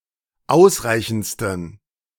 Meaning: 1. superlative degree of ausreichend 2. inflection of ausreichend: strong genitive masculine/neuter singular superlative degree
- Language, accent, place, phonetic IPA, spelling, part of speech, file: German, Germany, Berlin, [ˈaʊ̯sˌʁaɪ̯çn̩t͡stən], ausreichendsten, adjective, De-ausreichendsten.ogg